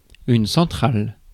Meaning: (adjective) feminine singular of central; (noun) power plant
- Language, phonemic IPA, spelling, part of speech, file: French, /sɑ̃.tʁal/, centrale, adjective / noun, Fr-centrale.ogg